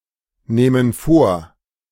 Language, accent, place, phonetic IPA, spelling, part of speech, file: German, Germany, Berlin, [ˌnɛːmən ˈfoːɐ̯], nähmen vor, verb, De-nähmen vor.ogg
- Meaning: first/third-person plural subjunctive II of vornehmen